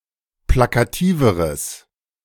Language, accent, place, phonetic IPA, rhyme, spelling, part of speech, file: German, Germany, Berlin, [ˌplakaˈtiːvəʁəs], -iːvəʁəs, plakativeres, adjective, De-plakativeres.ogg
- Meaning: strong/mixed nominative/accusative neuter singular comparative degree of plakativ